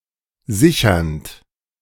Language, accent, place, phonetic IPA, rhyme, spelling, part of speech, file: German, Germany, Berlin, [ˈzɪçɐnt], -ɪçɐnt, sichernd, verb, De-sichernd.ogg
- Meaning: present participle of sichern